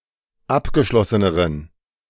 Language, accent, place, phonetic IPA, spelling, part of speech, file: German, Germany, Berlin, [ˈapɡəˌʃlɔsənəʁən], abgeschlosseneren, adjective, De-abgeschlosseneren.ogg
- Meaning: inflection of abgeschlossen: 1. strong genitive masculine/neuter singular comparative degree 2. weak/mixed genitive/dative all-gender singular comparative degree